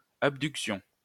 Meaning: 1. abductive movement; abduction 2. abductive reasoning; abduction
- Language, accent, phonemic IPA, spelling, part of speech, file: French, France, /ab.dyk.sjɔ̃/, abduction, noun, LL-Q150 (fra)-abduction.wav